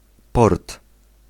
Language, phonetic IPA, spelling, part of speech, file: Polish, [pɔrt], port, noun, Pl-port.ogg